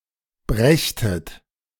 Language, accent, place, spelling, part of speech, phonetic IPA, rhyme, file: German, Germany, Berlin, brächtet, verb, [ˈbʁɛçtət], -ɛçtət, De-brächtet.ogg
- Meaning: second-person plural subjunctive II of bringen